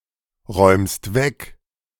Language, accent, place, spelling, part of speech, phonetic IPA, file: German, Germany, Berlin, räumst weg, verb, [ˌʁɔɪ̯mst ˈvɛk], De-räumst weg.ogg
- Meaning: second-person singular present of wegräumen